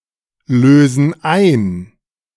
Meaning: inflection of einlösen: 1. first/third-person plural present 2. first/third-person plural subjunctive I
- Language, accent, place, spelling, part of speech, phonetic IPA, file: German, Germany, Berlin, lösen ein, verb, [ˌløːzn̩ ˈaɪ̯n], De-lösen ein.ogg